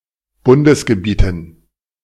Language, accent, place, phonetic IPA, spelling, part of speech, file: German, Germany, Berlin, [ˈbʊndəsɡəˌbiːtn̩], Bundesgebieten, noun, De-Bundesgebieten.ogg
- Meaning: dative plural of Bundesgebiet